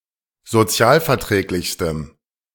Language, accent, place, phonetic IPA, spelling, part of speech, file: German, Germany, Berlin, [zoˈt͡si̯aːlfɛɐ̯ˌtʁɛːklɪçstəm], sozialverträglichstem, adjective, De-sozialverträglichstem.ogg
- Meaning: strong dative masculine/neuter singular superlative degree of sozialverträglich